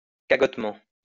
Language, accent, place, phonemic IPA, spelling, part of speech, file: French, France, Lyon, /ka.ɡɔt.mɑ̃/, cagotement, adverb, LL-Q150 (fra)-cagotement.wav
- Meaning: sanctimoniously